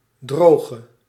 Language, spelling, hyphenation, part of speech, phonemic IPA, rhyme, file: Dutch, droge, dro‧ge, adjective / noun / verb, /ˈdroː.ɣə/, -oːɣə, Nl-droge.ogg
- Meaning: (adjective) inflection of droog: 1. masculine/feminine singular attributive 2. definite neuter singular attributive 3. plural attributive; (noun) dry land